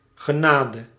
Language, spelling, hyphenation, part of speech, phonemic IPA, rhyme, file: Dutch, genade, ge‧na‧de, noun, /ɣəˈnaːdə/, -aːdə, Nl-genade.ogg
- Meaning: 1. mercy 2. grace (free and undeserved favour, especially of God)